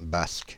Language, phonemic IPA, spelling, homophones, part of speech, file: French, /bask/, Basque, basque, noun, Fr-Basque.ogg
- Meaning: Basque (person of either gender)